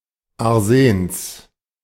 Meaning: genitive singular of Arsen
- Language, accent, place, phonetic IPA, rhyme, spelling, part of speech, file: German, Germany, Berlin, [aʁˈzeːns], -eːns, Arsens, noun, De-Arsens.ogg